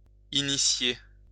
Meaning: 1. to initiate (to introduce into a religion, sect, art, etc.) 2. to start, to initiate
- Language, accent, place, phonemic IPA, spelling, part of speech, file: French, France, Lyon, /i.ni.sje/, initier, verb, LL-Q150 (fra)-initier.wav